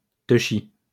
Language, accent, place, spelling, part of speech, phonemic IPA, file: French, France, Lyon, teushi, noun, /tœ.ʃi/, LL-Q150 (fra)-teushi.wav
- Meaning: hashish